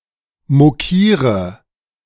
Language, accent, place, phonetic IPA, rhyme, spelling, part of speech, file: German, Germany, Berlin, [moˈkiːʁə], -iːʁə, mokiere, verb, De-mokiere.ogg
- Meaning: inflection of mokieren: 1. first-person singular present 2. singular imperative 3. first/third-person singular subjunctive I